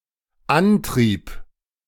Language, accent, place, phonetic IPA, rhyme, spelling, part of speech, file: German, Germany, Berlin, [ˈanˌtʁiːp], -antʁiːp, antrieb, verb, De-antrieb.ogg
- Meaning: first/third-person singular dependent preterite of antreiben